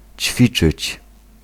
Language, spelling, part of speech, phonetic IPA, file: Polish, ćwiczyć, verb, [ˈt͡ɕfʲit͡ʃɨt͡ɕ], Pl-ćwiczyć.ogg